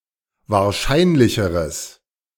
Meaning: strong/mixed nominative/accusative neuter singular comparative degree of wahrscheinlich
- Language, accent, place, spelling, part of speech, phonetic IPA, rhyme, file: German, Germany, Berlin, wahrscheinlicheres, adjective, [vaːɐ̯ˈʃaɪ̯nlɪçəʁəs], -aɪ̯nlɪçəʁəs, De-wahrscheinlicheres.ogg